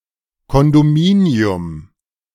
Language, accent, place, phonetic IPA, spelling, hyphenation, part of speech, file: German, Germany, Berlin, [kɔndoˈmiːni̯ʊm], Kondominium, Kon‧do‧mi‧ni‧um, noun, De-Kondominium.ogg
- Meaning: 1. condominium 2. apartment building, condominium, condo